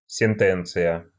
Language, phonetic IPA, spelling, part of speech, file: Russian, [sʲɪnˈtɛnt͡sɨjə], сентенция, noun, Ru-сентенция.ogg
- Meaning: maxim, dictum, wise sentence